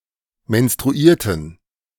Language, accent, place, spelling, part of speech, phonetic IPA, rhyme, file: German, Germany, Berlin, menstruierten, verb, [mɛnstʁuˈiːɐ̯tn̩], -iːɐ̯tn̩, De-menstruierten.ogg
- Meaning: inflection of menstruieren: 1. first/third-person plural preterite 2. first/third-person plural subjunctive II